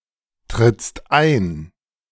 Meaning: second-person singular present of eintreten
- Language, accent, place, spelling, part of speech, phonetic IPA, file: German, Germany, Berlin, trittst ein, verb, [tʁɪt͡st ˈaɪ̯n], De-trittst ein.ogg